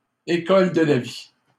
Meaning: alternative form of école de vie
- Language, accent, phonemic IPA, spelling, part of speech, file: French, Canada, /e.kɔl də la vi/, école de la vie, noun, LL-Q150 (fra)-école de la vie.wav